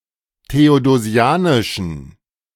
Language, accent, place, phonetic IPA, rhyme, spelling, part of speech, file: German, Germany, Berlin, [teodoˈzi̯aːnɪʃn̩], -aːnɪʃn̩, theodosianischen, adjective, De-theodosianischen.ogg
- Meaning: inflection of theodosianisch: 1. strong genitive masculine/neuter singular 2. weak/mixed genitive/dative all-gender singular 3. strong/weak/mixed accusative masculine singular 4. strong dative plural